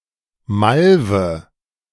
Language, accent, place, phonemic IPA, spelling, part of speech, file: German, Germany, Berlin, /ˈmalvə/, Malve, noun, De-Malve.ogg
- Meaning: mallow